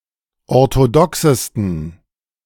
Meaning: 1. superlative degree of orthodox 2. inflection of orthodox: strong genitive masculine/neuter singular superlative degree
- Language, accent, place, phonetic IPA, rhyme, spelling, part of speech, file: German, Germany, Berlin, [ɔʁtoˈdɔksəstn̩], -ɔksəstn̩, orthodoxesten, adjective, De-orthodoxesten.ogg